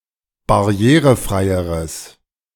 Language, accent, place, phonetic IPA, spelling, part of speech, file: German, Germany, Berlin, [baˈʁi̯eːʁəˌfʁaɪ̯əʁəs], barrierefreieres, adjective, De-barrierefreieres.ogg
- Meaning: strong/mixed nominative/accusative neuter singular comparative degree of barrierefrei